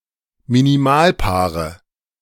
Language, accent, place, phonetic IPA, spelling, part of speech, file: German, Germany, Berlin, [miniˈmaːlˌpaːʁə], Minimalpaare, noun, De-Minimalpaare.ogg
- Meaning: nominative/accusative/genitive plural of Minimalpaar